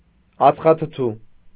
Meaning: carbonic acid
- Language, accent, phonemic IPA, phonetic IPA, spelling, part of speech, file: Armenian, Eastern Armenian, /ɑt͡sχɑtʰəˈtʰu/, [ɑt͡sχɑtʰətʰú], ածխաթթու, noun, Hy-ածխաթթու.ogg